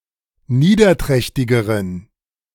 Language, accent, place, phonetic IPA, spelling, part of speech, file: German, Germany, Berlin, [ˈniːdɐˌtʁɛçtɪɡəʁən], niederträchtigeren, adjective, De-niederträchtigeren.ogg
- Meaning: inflection of niederträchtig: 1. strong genitive masculine/neuter singular comparative degree 2. weak/mixed genitive/dative all-gender singular comparative degree